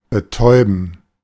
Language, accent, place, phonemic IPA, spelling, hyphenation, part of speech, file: German, Germany, Berlin, /bəˈtɔʏ̯bən/, betäuben, be‧täu‧ben, verb, De-betäuben.ogg
- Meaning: 1. to deafen, to make deaf 2. to numb, dull, stupefy 3. to anesthetize 4. to numb oneself, typically by intoxication